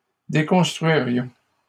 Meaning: first-person plural conditional of déconstruire
- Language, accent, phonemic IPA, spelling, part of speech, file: French, Canada, /de.kɔ̃s.tʁɥi.ʁjɔ̃/, déconstruirions, verb, LL-Q150 (fra)-déconstruirions.wav